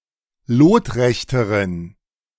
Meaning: inflection of lotrecht: 1. strong genitive masculine/neuter singular comparative degree 2. weak/mixed genitive/dative all-gender singular comparative degree
- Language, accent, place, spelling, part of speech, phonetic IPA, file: German, Germany, Berlin, lotrechteren, adjective, [ˈloːtˌʁɛçtəʁən], De-lotrechteren.ogg